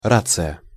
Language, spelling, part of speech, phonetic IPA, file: Russian, рация, noun, [ˈrat͡sɨjə], Ru-рация.ogg
- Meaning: portable radio transmitter, walkie-talkie